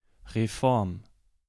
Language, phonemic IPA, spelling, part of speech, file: German, /ʁeˈfɔʁm/, Reform, noun, De-Reform.ogg
- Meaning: reform